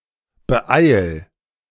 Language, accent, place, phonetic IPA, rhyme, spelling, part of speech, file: German, Germany, Berlin, [bəˈʔaɪ̯l], -aɪ̯l, beeil, verb, De-beeil.ogg
- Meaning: 1. singular imperative of beeilen 2. first-person singular present of beeilen